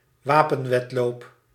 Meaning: arms race
- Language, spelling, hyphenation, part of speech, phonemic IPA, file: Dutch, wapenwedloop, wa‧pen‧wed‧loop, noun, /ˈʋaː.pə(n)ˌʋɛt.loːp/, Nl-wapenwedloop.ogg